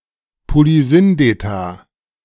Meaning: plural of Polysyndeton
- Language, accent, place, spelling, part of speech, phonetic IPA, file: German, Germany, Berlin, Polysyndeta, noun, [poliˈzʏndeta], De-Polysyndeta.ogg